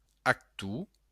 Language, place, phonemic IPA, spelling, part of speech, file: Occitan, Béarn, /atˈtu/, actor, noun, LL-Q14185 (oci)-actor.wav
- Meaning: actor